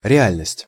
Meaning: reality
- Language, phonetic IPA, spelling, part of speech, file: Russian, [rʲɪˈalʲnəsʲtʲ], реальность, noun, Ru-реальность.ogg